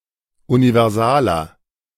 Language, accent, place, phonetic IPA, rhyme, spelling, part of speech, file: German, Germany, Berlin, [univɛʁˈzaːlɐ], -aːlɐ, universaler, adjective, De-universaler.ogg
- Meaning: 1. comparative degree of universal 2. inflection of universal: strong/mixed nominative masculine singular 3. inflection of universal: strong genitive/dative feminine singular